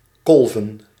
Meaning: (verb) to express breast milk outside of breastfeeding, for later use; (noun) plural of kolf
- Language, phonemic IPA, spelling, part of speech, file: Dutch, /ˈkɔlvə(n)/, kolven, verb / noun, Nl-kolven.ogg